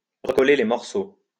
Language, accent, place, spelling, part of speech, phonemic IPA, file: French, France, Lyon, recoller les morceaux, verb, /ʁə.kɔ.le le mɔʁ.so/, LL-Q150 (fra)-recoller les morceaux.wav
- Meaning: to patch things up, to repair a relationship